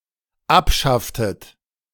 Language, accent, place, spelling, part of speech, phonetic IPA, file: German, Germany, Berlin, abschafftet, verb, [ˈapˌʃaftət], De-abschafftet.ogg
- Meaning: inflection of abschaffen: 1. second-person plural dependent preterite 2. second-person plural dependent subjunctive II